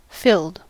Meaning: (adjective) Made full; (verb) simple past and past participle of fill
- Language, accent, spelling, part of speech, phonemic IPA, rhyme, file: English, US, filled, adjective / verb, /fɪld/, -ɪld, En-us-filled.ogg